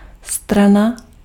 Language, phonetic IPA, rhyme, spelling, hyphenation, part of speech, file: Czech, [ˈstrana], -ana, strana, stra‧na, noun, Cs-strana.ogg
- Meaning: 1. side 2. page (of a book) 3. party (in negotiation and litigation) 4. party